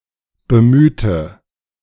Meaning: inflection of bemühen: 1. first/third-person singular preterite 2. first/third-person singular subjunctive II
- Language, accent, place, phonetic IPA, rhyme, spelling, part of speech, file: German, Germany, Berlin, [bəˈmyːtə], -yːtə, bemühte, adjective / verb, De-bemühte.ogg